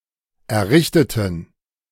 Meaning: inflection of errichten: 1. first/third-person plural preterite 2. first/third-person plural subjunctive II
- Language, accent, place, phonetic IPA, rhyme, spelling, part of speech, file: German, Germany, Berlin, [ɛɐ̯ˈʁɪçtətn̩], -ɪçtətn̩, errichteten, adjective / verb, De-errichteten.ogg